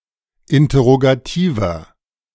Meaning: inflection of interrogativ: 1. strong/mixed nominative masculine singular 2. strong genitive/dative feminine singular 3. strong genitive plural
- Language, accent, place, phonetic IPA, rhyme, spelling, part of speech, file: German, Germany, Berlin, [ˌɪntɐʁoɡaˈtiːvɐ], -iːvɐ, interrogativer, adjective, De-interrogativer.ogg